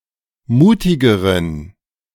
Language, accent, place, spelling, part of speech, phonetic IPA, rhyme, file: German, Germany, Berlin, mutigeren, adjective, [ˈmuːtɪɡəʁən], -uːtɪɡəʁən, De-mutigeren.ogg
- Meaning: inflection of mutig: 1. strong genitive masculine/neuter singular comparative degree 2. weak/mixed genitive/dative all-gender singular comparative degree